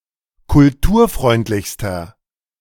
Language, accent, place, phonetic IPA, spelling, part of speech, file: German, Germany, Berlin, [kʊlˈtuːɐ̯ˌfʁɔɪ̯ntlɪçstɐ], kulturfreundlichster, adjective, De-kulturfreundlichster.ogg
- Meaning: inflection of kulturfreundlich: 1. strong/mixed nominative masculine singular superlative degree 2. strong genitive/dative feminine singular superlative degree